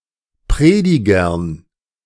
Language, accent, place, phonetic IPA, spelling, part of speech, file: German, Germany, Berlin, [ˈpʁeːdɪɡɐn], Predigern, noun, De-Predigern.ogg
- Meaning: dative plural of Prediger